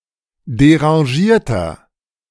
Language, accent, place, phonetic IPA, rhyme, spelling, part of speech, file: German, Germany, Berlin, [deʁɑ̃ˈʒiːɐ̯tɐ], -iːɐ̯tɐ, derangierter, adjective, De-derangierter.ogg
- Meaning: inflection of derangiert: 1. strong/mixed nominative masculine singular 2. strong genitive/dative feminine singular 3. strong genitive plural